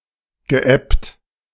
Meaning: past participle of ebben
- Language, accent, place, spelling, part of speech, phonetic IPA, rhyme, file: German, Germany, Berlin, geebbt, verb, [ɡəˈʔɛpt], -ɛpt, De-geebbt.ogg